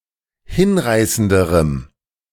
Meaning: strong dative masculine/neuter singular comparative degree of hinreißend
- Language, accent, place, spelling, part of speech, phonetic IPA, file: German, Germany, Berlin, hinreißenderem, adjective, [ˈhɪnˌʁaɪ̯səndəʁəm], De-hinreißenderem.ogg